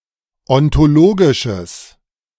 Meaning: strong/mixed nominative/accusative neuter singular of ontologisch
- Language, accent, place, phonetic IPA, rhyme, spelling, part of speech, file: German, Germany, Berlin, [ɔntoˈloːɡɪʃəs], -oːɡɪʃəs, ontologisches, adjective, De-ontologisches.ogg